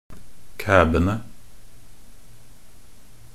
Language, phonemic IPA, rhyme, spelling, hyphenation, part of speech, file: Norwegian Bokmål, /ˈkæːbənə/, -ənə, kæbene, kæ‧be‧ne, noun, Nb-kæbene.ogg
- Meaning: definite plural of kæbe